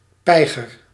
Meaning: dead; (figurative) exhausted
- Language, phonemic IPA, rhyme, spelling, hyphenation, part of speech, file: Dutch, /ˈpɛi̯.ɣər/, -ɛi̯ɣər, peiger, pei‧ger, adjective, Nl-peiger.ogg